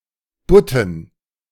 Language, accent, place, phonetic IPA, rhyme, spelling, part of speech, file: German, Germany, Berlin, [ˈbʊtn̩], -ʊtn̩, Butten, noun, De-Butten.ogg
- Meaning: dative plural of Butt